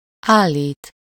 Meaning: 1. to place, put, set, stand, erect (to place in an upright or standing position) 2. to set, adjust (into a certain position) 3. to assert, claim, state, allege
- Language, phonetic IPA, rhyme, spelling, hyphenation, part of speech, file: Hungarian, [ˈaːlːiːt], -iːt, állít, ál‧lít, verb, Hu-állít.ogg